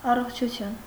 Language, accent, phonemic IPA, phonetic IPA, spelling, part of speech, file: Armenian, Eastern Armenian, /ɑroχt͡ʃʰuˈtʰjun/, [ɑroχt͡ʃʰut͡sʰjún], առողջություն, noun / interjection, Hy-առողջություն.ogg
- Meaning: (noun) health; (interjection) 1. bless you! (after sneezing) 2. get well soon! (expressing hope that the listener will soon recover from illness)